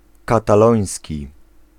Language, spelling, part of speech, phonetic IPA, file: Polish, kataloński, adjective / noun, [ˌkataˈlɔ̃j̃sʲci], Pl-kataloński.ogg